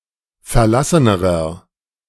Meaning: inflection of verlassen: 1. strong/mixed nominative masculine singular comparative degree 2. strong genitive/dative feminine singular comparative degree 3. strong genitive plural comparative degree
- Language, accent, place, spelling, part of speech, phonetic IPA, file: German, Germany, Berlin, verlassenerer, adjective, [fɛɐ̯ˈlasənəʁɐ], De-verlassenerer.ogg